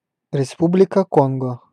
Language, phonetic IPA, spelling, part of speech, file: Russian, [rʲɪˈspublʲɪkə ˈkonɡə], Республика Конго, proper noun, Ru-Республика Конго.ogg
- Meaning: Republic of the Congo (a country in Central Africa, the smaller of the two countries named Congo)